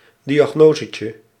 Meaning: diminutive of diagnose
- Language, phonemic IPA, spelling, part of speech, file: Dutch, /ˌdijaˈɣnozəcə/, diagnosetje, noun, Nl-diagnosetje.ogg